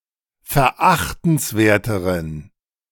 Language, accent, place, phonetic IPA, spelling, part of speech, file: German, Germany, Berlin, [fɛɐ̯ˈʔaxtn̩sˌveːɐ̯təʁən], verachtenswerteren, adjective, De-verachtenswerteren.ogg
- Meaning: inflection of verachtenswert: 1. strong genitive masculine/neuter singular comparative degree 2. weak/mixed genitive/dative all-gender singular comparative degree